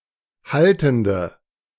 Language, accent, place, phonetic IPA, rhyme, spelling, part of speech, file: German, Germany, Berlin, [ˈhaltn̩də], -altn̩də, haltende, adjective, De-haltende.ogg
- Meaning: inflection of haltend: 1. strong/mixed nominative/accusative feminine singular 2. strong nominative/accusative plural 3. weak nominative all-gender singular 4. weak accusative feminine/neuter singular